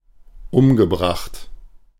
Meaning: past participle of umbringen
- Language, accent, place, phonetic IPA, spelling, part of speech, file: German, Germany, Berlin, [ˈʊmɡəˌbʁaxt], umgebracht, verb, De-umgebracht.ogg